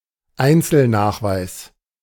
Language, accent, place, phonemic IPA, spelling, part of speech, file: German, Germany, Berlin, /ˈaɪ̯nt͡sl̩ˌnaːxvaɪ̯s/, Einzelnachweis, noun, De-Einzelnachweis.ogg
- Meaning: itemization, specification, reference